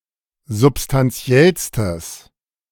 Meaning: strong/mixed nominative/accusative neuter singular superlative degree of substantiell
- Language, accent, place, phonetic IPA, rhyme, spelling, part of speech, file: German, Germany, Berlin, [zʊpstanˈt͡si̯ɛlstəs], -ɛlstəs, substantiellstes, adjective, De-substantiellstes.ogg